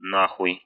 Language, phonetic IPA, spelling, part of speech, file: Russian, [ˈnaxʊj], нахуй, adverb, Ru-нахуй.ogg
- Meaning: alternative form of на́ хуй (ná xuj)